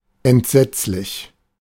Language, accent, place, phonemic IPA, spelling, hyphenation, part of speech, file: German, Germany, Berlin, /ɛntˈzɛt͡slɪç/, entsetzlich, ent‧setz‧lich, adjective / adverb, De-entsetzlich.ogg
- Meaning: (adjective) horrible, terrible, horrendous, appalling; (adverb) horribly, terribly